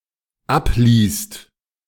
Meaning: second/third-person singular dependent present of ablesen
- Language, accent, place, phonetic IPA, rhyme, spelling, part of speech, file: German, Germany, Berlin, [ˈapˌliːst], -apliːst, abliest, verb, De-abliest.ogg